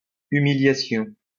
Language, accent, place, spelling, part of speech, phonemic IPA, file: French, France, Lyon, humiliation, noun, /y.mi.lja.sjɔ̃/, LL-Q150 (fra)-humiliation.wav
- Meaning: a humiliation, active or passive